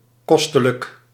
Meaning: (adjective) 1. fantastic, enjoyable 2. expensive 3. valuable; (adverb) fantastically, enjoyably
- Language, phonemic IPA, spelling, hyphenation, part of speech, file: Dutch, /ˈkɔs.tə.lək/, kostelijk, kos‧te‧lijk, adjective / adverb, Nl-kostelijk.ogg